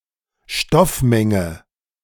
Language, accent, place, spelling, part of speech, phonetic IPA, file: German, Germany, Berlin, Stoffmenge, noun, [ˈʃtɔfˌmɛŋə], De-Stoffmenge.ogg
- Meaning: mole (amount of substance)